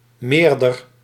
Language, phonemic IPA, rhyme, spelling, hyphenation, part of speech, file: Dutch, /ˈmeːr.dər/, -eːrdər, meerder, meer‧der, adjective / verb, Nl-meerder.ogg
- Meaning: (adjective) greater, superior; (verb) inflection of meerderen: 1. first-person singular present indicative 2. second-person singular present indicative 3. imperative